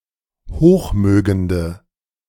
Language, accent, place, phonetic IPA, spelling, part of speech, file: German, Germany, Berlin, [ˈhoːxˌmøːɡəndə], hochmögende, adjective, De-hochmögende.ogg
- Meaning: inflection of hochmögend: 1. strong/mixed nominative/accusative feminine singular 2. strong nominative/accusative plural 3. weak nominative all-gender singular